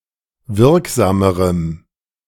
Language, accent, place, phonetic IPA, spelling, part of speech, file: German, Germany, Berlin, [ˈvɪʁkˌzaːməʁəm], wirksamerem, adjective, De-wirksamerem.ogg
- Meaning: strong dative masculine/neuter singular comparative degree of wirksam